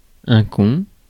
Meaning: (noun) 1. (dated) cunt, pussy (the female genitalia) 2. arsehole, asshole, fucktard, cunt, retard (stupid person); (adjective) stupid
- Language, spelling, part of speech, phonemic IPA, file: French, con, noun / adjective, /kɔ̃/, Fr-con.ogg